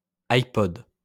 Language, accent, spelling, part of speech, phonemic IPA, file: French, France, iPod, noun, /aj.pɔd/, LL-Q150 (fra)-iPod.wav
- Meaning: 1. iPod (the Apple iPod) 2. iPod (a generic personal portable MP3 player)